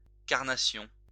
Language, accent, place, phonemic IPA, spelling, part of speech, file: French, France, Lyon, /kaʁ.na.sjɔ̃/, carnation, noun, LL-Q150 (fra)-carnation.wav
- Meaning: 1. a fleshy pinkish color (not the color of a carnation flower) 2. skin tone